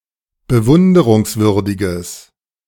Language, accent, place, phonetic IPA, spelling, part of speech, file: German, Germany, Berlin, [bəˈvʊndəʁʊŋsˌvʏʁdɪɡəs], bewunderungswürdiges, adjective, De-bewunderungswürdiges.ogg
- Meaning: strong/mixed nominative/accusative neuter singular of bewunderungswürdig